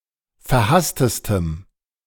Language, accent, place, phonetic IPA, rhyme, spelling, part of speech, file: German, Germany, Berlin, [fɛɐ̯ˈhastəstəm], -astəstəm, verhasstestem, adjective, De-verhasstestem.ogg
- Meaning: strong dative masculine/neuter singular superlative degree of verhasst